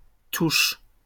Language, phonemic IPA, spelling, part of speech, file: French, /tuʃ/, touches, noun / verb, LL-Q150 (fra)-touches.wav
- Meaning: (noun) plural of touche; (verb) second-person singular present indicative/subjunctive of toucher